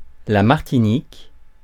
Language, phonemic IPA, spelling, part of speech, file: French, /maʁ.ti.nik/, Martinique, proper noun, Fr-Martinique.ogg
- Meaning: Martinique (an island, overseas department, and administrative region of France in the Caribbean)